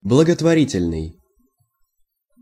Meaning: charitable, philanthropic
- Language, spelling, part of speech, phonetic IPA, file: Russian, благотворительный, adjective, [bɫəɡətvɐˈrʲitʲɪlʲnɨj], Ru-благотворительный.ogg